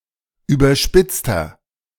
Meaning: 1. comparative degree of überspitzt 2. inflection of überspitzt: strong/mixed nominative masculine singular 3. inflection of überspitzt: strong genitive/dative feminine singular
- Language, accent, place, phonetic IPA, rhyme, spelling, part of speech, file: German, Germany, Berlin, [ˌyːbɐˈʃpɪt͡stɐ], -ɪt͡stɐ, überspitzter, adjective, De-überspitzter.ogg